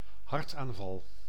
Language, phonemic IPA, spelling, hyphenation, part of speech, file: Dutch, /ˈɦɑrt.aːnˌvɑl/, hartaanval, hart‧aan‧val, noun, Nl-hartaanval.ogg
- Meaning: heart attack